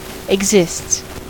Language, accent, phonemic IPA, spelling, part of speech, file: English, US, /ɪɡˈzɪsts/, exists, verb, En-us-exists.ogg
- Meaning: third-person singular simple present indicative of exist